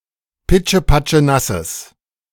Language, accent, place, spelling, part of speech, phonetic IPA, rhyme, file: German, Germany, Berlin, pitschepatschenasses, adjective, [ˌpɪt͡ʃəpat͡ʃəˈnasəs], -asəs, De-pitschepatschenasses.ogg
- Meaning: strong/mixed nominative/accusative neuter singular of pitschepatschenass